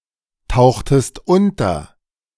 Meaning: inflection of untertauchen: 1. second-person singular preterite 2. second-person singular subjunctive II
- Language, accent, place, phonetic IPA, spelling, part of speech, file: German, Germany, Berlin, [ˌtaʊ̯xtəst ˈʊntɐ], tauchtest unter, verb, De-tauchtest unter.ogg